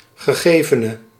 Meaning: that which has been given
- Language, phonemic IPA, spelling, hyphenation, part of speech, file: Dutch, /ɣəˈɣeːvənə/, gegevene, ge‧ge‧ve‧ne, noun, Nl-gegevene.ogg